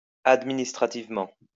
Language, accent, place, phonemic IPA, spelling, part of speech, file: French, France, Lyon, /ad.mi.nis.tʁa.tiv.mɑ̃/, administrativement, adverb, LL-Q150 (fra)-administrativement.wav
- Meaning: administratively